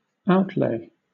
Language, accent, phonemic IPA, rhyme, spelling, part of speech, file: English, Southern England, /ˈaʊtleɪ/, -eɪ, outlay, noun, LL-Q1860 (eng)-outlay.wav
- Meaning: 1. A laying out or expending; that which is laid out or expended 2. The spending of money, or an expenditure 3. A remote haunt or habitation